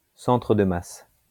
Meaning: center of mass
- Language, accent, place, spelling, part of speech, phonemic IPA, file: French, France, Lyon, centre de masse, noun, /sɑ̃.tʁə d(ə) mas/, LL-Q150 (fra)-centre de masse.wav